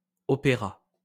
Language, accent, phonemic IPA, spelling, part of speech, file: French, France, /ɔ.pe.ʁa/, opéra, noun / verb, LL-Q150 (fra)-opéra.wav
- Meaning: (noun) 1. opera 2. opera house